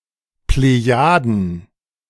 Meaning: Pleiades, Messier 45 (star cluster)
- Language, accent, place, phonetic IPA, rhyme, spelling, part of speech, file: German, Germany, Berlin, [pleˈjaːdn̩], -aːdn̩, Plejaden, proper noun, De-Plejaden.ogg